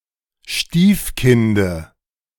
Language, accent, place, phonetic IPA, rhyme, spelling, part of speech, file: German, Germany, Berlin, [ˈʃtiːfˌkɪndə], -iːfkɪndə, Stiefkinde, noun, De-Stiefkinde.ogg
- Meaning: dative of Stiefkind